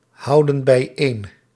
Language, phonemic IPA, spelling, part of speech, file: Dutch, /ˈhɑudə(n) bɛiˈen/, houden bijeen, verb, Nl-houden bijeen.ogg
- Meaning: inflection of bijeenhouden: 1. plural present indicative 2. plural present subjunctive